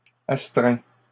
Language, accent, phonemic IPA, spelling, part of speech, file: French, Canada, /as.tʁɛ̃/, astreint, verb / adjective, LL-Q150 (fra)-astreint.wav
- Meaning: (verb) 1. past participle of astreindre 2. third-person singular present indicative of astreindre; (adjective) constrained